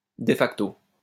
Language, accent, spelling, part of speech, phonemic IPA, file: French, France, de facto, adjective / adverb, /de fak.to/, LL-Q150 (fra)-de facto.wav
- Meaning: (adjective) de facto